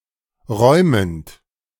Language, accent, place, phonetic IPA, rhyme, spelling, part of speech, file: German, Germany, Berlin, [ˈʁɔɪ̯mənt], -ɔɪ̯mənt, räumend, verb, De-räumend.ogg
- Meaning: present participle of räumen